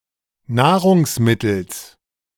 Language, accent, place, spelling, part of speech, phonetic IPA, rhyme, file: German, Germany, Berlin, Nahrungsmittels, noun, [ˈnaːʁʊŋsˌmɪtl̩s], -aːʁʊŋsmɪtl̩s, De-Nahrungsmittels.ogg
- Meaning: genitive singular of Nahrungsmittel